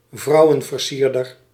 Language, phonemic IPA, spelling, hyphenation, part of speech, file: Dutch, /ˈvrɑu̯.ə(n).vərˌsiːr.dər/, vrouwenversierder, vrou‧wen‧ver‧sier‧der, noun, Nl-vrouwenversierder.ogg
- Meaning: a womaniser, a Casanova